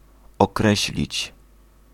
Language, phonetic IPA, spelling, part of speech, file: Polish, [ɔˈkrɛɕlʲit͡ɕ], określić, verb, Pl-określić.ogg